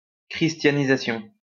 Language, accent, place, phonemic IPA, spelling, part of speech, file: French, France, Lyon, /kʁis.tja.ni.za.sjɔ̃/, christianisation, noun, LL-Q150 (fra)-christianisation.wav
- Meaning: Christianization